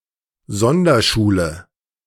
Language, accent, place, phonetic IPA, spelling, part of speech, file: German, Germany, Berlin, [ˈzɔndɐˌʃuːlə], Sonderschule, noun, De-Sonderschule.ogg
- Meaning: special school